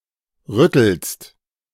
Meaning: second-person singular present of rütteln
- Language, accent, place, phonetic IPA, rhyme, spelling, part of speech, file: German, Germany, Berlin, [ˈʁʏtl̩st], -ʏtl̩st, rüttelst, verb, De-rüttelst.ogg